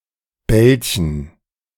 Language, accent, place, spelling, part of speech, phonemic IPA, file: German, Germany, Berlin, Belchen, proper noun / noun, /ˈbɛlçn̩/, De-Belchen.ogg
- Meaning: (proper noun) a peak in the Black Forest, Germany; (noun) 1. plural of Belche 2. alternative form of Belche f (“coot”)